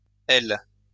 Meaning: 1. forms feminine nouns, often with a diminutive sense 2. female equivalent of -el 3. female equivalent of -eau
- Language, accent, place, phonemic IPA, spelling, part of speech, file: French, France, Lyon, /ɛl/, -elle, suffix, LL-Q150 (fra)--elle.wav